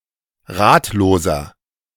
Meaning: 1. comparative degree of ratlos 2. inflection of ratlos: strong/mixed nominative masculine singular 3. inflection of ratlos: strong genitive/dative feminine singular
- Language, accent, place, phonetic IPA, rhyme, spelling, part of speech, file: German, Germany, Berlin, [ˈʁaːtloːzɐ], -aːtloːzɐ, ratloser, adjective, De-ratloser.ogg